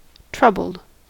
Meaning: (adjective) 1. Anxious, worried, careworn 2. Afflicted by difficulties; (verb) simple past and past participle of trouble
- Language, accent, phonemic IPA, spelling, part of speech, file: English, US, /ˈtɹʌbl̩d/, troubled, adjective / verb, En-us-troubled.ogg